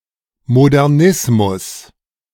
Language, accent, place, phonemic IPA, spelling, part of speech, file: German, Germany, Berlin, /modɛʁˈnɪsmʊs/, Modernismus, noun, De-Modernismus.ogg
- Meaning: modernism